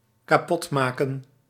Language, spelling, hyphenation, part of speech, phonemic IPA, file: Dutch, kapotmaken, ka‧pot‧ma‧ken, verb, /kaːˈpɔtˌmaːkə(n)/, Nl-kapotmaken.ogg
- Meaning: to break